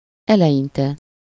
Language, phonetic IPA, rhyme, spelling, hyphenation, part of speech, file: Hungarian, [ˈɛlɛjintɛ], -tɛ, eleinte, ele‧in‧te, adverb, Hu-eleinte.ogg
- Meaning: initially, at first, in the beginning